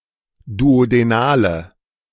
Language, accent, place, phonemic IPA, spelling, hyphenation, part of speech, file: German, Germany, Berlin, /duodeˈnaːlə/, duodenale, du‧o‧de‧na‧le, adjective, De-duodenale.ogg
- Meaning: inflection of duodenal: 1. strong/mixed nominative/accusative feminine singular 2. strong nominative/accusative plural 3. weak nominative all-gender singular